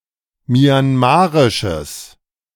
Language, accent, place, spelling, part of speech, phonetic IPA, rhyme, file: German, Germany, Berlin, myanmarisches, adjective, [mjanˈmaːʁɪʃəs], -aːʁɪʃəs, De-myanmarisches.ogg
- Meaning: strong/mixed nominative/accusative neuter singular of myanmarisch